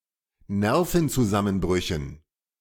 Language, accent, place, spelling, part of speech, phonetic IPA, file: German, Germany, Berlin, Nervenzusammenbrüchen, noun, [ˈnɛʁfn̩t͡suˌzamənbʁʏçn̩], De-Nervenzusammenbrüchen.ogg
- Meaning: dative plural of Nervenzusammenbruch